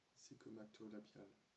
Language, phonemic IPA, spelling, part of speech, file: French, /zi.ɡɔ.ma.tɔ.la.bjal/, zygomato-labial, adjective, FR-zygomato-labial.ogg
- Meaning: zygomatolabial